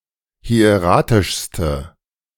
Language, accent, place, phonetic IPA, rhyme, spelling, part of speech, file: German, Germany, Berlin, [hi̯eˈʁaːtɪʃstə], -aːtɪʃstə, hieratischste, adjective, De-hieratischste.ogg
- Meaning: inflection of hieratisch: 1. strong/mixed nominative/accusative feminine singular superlative degree 2. strong nominative/accusative plural superlative degree